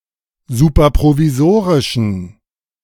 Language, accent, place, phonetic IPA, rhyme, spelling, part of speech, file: German, Germany, Berlin, [ˌsuːpɐpʁoviˈzoːʁɪʃn̩], -oːʁɪʃn̩, superprovisorischen, adjective, De-superprovisorischen.ogg
- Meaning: inflection of superprovisorisch: 1. strong genitive masculine/neuter singular 2. weak/mixed genitive/dative all-gender singular 3. strong/weak/mixed accusative masculine singular